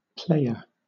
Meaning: One that plays.: 1. One who plays any game or sport 2. An actor in a dramatic play 3. One who plays on a musical instrument 4. A gamer; a person of video games or similar 5. A gambler
- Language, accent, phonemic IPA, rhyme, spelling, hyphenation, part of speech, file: English, Southern England, /ˈpleɪ.ə(ɹ)/, -eɪə(ɹ), player, play‧er, noun, LL-Q1860 (eng)-player.wav